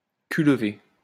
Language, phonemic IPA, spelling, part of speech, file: French, /lə.ve/, levé, verb, LL-Q150 (fra)-levé.wav
- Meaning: past participle of lever